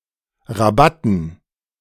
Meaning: dative plural of Rabatt
- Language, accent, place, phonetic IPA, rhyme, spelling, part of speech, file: German, Germany, Berlin, [ʁaˈbatn̩], -atn̩, Rabatten, noun, De-Rabatten.ogg